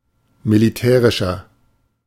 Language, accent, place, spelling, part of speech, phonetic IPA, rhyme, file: German, Germany, Berlin, militärischer, adjective, [miliˈtɛːʁɪʃɐ], -ɛːʁɪʃɐ, De-militärischer.ogg
- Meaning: inflection of militärisch: 1. strong/mixed nominative masculine singular 2. strong genitive/dative feminine singular 3. strong genitive plural